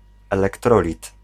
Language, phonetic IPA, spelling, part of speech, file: Polish, [ˌɛlɛkˈtrɔlʲit], elektrolit, noun, Pl-elektrolit.ogg